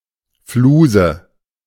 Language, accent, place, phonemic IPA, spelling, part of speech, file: German, Germany, Berlin, /ˈfluːzə/, Fluse, noun, De-Fluse.ogg
- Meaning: fluff, lint of fabric, wool, etc